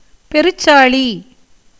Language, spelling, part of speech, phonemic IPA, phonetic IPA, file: Tamil, பெருச்சாளி, noun, /pɛɾʊtʃtʃɑːɭiː/, [pe̞ɾʊssäːɭiː], Ta-பெருச்சாளி.ogg
- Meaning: 1. Greater bandicoot rat (Bandicota indica), and by extension, any bandicoot rat 2. the mount of Ganesha